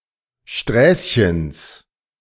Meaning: genitive of Sträßchen
- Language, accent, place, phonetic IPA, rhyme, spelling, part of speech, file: German, Germany, Berlin, [ˈʃtʁɛːsçəns], -ɛːsçəns, Sträßchens, noun, De-Sträßchens.ogg